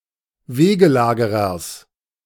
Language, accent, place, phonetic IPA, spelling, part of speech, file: German, Germany, Berlin, [ˈveːɡəˌlaːɡəʁɐs], Wegelagerers, noun, De-Wegelagerers.ogg
- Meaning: genitive singular of Wegelagerer